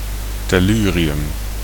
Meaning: tellurium
- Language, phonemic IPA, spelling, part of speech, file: Dutch, /tɛˈlyriˌjʏm/, tellurium, noun, Nl-tellurium.ogg